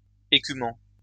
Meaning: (verb) present participle of écumer; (adjective) foaming; frothing
- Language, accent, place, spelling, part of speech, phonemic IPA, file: French, France, Lyon, écumant, verb / adjective, /e.ky.mɑ̃/, LL-Q150 (fra)-écumant.wav